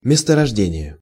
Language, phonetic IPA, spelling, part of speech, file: Russian, [mʲɪstərɐʐˈdʲenʲɪje], месторождение, noun, Ru-месторождение.ogg
- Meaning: deposit, field (e.g. coal field), formation, bed